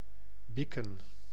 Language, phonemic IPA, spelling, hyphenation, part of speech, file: Dutch, /ˈbɪkə(n)/, bikken, bik‧ken, verb, Nl-bikken.ogg
- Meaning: 1. to chip, to chip off 2. to eat